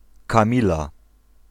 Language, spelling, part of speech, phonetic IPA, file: Polish, Kamila, proper noun / noun, [kãˈmʲila], Pl-Kamila.ogg